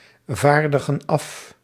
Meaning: inflection of afvaardigen: 1. plural present indicative 2. plural present subjunctive
- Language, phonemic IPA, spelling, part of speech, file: Dutch, /ˈvardəɣə(n) ˈɑf/, vaardigen af, verb, Nl-vaardigen af.ogg